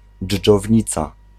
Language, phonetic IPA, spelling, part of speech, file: Polish, [d͡ʒːɔvʲˈɲit͡sa], dżdżownica, noun, Pl-dżdżownica.ogg